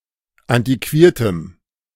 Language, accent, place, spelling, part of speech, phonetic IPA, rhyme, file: German, Germany, Berlin, antiquiertem, adjective, [ˌantiˈkviːɐ̯təm], -iːɐ̯təm, De-antiquiertem.ogg
- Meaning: strong dative masculine/neuter singular of antiquiert